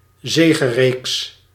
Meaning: winning streak
- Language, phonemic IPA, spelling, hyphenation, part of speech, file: Dutch, /ˈzeː.ɣəˌreːks/, zegereeks, ze‧ge‧reeks, noun, Nl-zegereeks.ogg